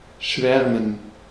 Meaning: 1. to swarm; to fly in swarms or flocks 2. to romanticize; be given to romantic or mystic thoughts 3. to adore; fancy (to be romantically attracted by someone, often without making advances)
- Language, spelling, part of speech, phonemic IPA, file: German, schwärmen, verb, /ˈʃvɛrmən/, De-schwärmen.ogg